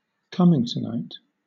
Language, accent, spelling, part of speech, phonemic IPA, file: English, Southern England, cummingtonite, noun, /ˈkʌm.ɪŋ.təˌnaɪt/, LL-Q1860 (eng)-cummingtonite.wav
- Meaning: A mineral, magnesium-iron silicate hydroxide, (Mg,Fe)₇Si₈O₂₂(OH)₂